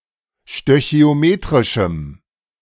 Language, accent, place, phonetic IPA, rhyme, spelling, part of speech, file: German, Germany, Berlin, [ʃtøçi̯oˈmeːtʁɪʃm̩], -eːtʁɪʃm̩, stöchiometrischem, adjective, De-stöchiometrischem.ogg
- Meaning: strong dative masculine/neuter singular of stöchiometrisch